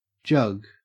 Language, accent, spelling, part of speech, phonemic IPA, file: English, Australia, jug, noun / verb, /d͡ʒɐɡ/, En-au-jug.ogg
- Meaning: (noun) A serving vessel or container, typically circular in cross-section and typically higher than it is wide, with a relatively small mouth or spout, an ear handle and often a stopper or top